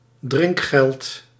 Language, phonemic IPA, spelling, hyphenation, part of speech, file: Dutch, /ˈdrɪŋk.xɛlt/, drinkgeld, drink‧geld, noun, Nl-drinkgeld.ogg
- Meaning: a tip (a small amount of money left for a bartender or servant as a token of appreciation)